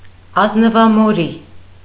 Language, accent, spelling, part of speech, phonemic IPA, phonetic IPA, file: Armenian, Eastern Armenian, ազնվամորի, noun, /ɑznəvɑmoˈɾi/, [ɑznəvɑmoɾí], Hy-ազնվամորի.ogg
- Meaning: raspberry (shrub and fruit of Rubus idaeus)